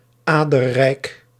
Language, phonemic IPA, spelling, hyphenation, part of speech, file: Dutch, /ˈaː.də(r)ˌrɛi̯k/, aderrijk, ader‧rijk, adjective, Nl-aderrijk.ogg
- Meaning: veiny